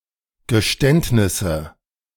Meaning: nominative/accusative/genitive plural of Geständnis
- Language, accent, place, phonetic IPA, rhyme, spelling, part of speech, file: German, Germany, Berlin, [ɡəˈʃtɛntnɪsə], -ɛntnɪsə, Geständnisse, noun, De-Geständnisse.ogg